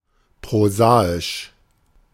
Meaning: prosaic
- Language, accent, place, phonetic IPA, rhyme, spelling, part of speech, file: German, Germany, Berlin, [pʁoˈzaːɪʃ], -aːɪʃ, prosaisch, adjective, De-prosaisch.ogg